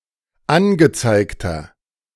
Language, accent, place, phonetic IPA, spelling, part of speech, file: German, Germany, Berlin, [ˈanɡəˌt͡saɪ̯ktɐ], angezeigter, adjective, De-angezeigter.ogg
- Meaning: inflection of angezeigt: 1. strong/mixed nominative masculine singular 2. strong genitive/dative feminine singular 3. strong genitive plural